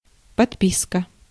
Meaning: 1. subscription 2. collection 3. engagement, written undertaking
- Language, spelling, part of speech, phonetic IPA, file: Russian, подписка, noun, [pɐtˈpʲiskə], Ru-подписка.ogg